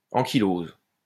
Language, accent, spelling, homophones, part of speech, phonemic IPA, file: French, France, ankylose, ankylosent / ankyloses, noun / verb, /ɑ̃.ki.loz/, LL-Q150 (fra)-ankylose.wav
- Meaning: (noun) ankylosis; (verb) inflection of ankyloser: 1. first/third-person singular present indicative/subjunctive 2. second-person singular imperative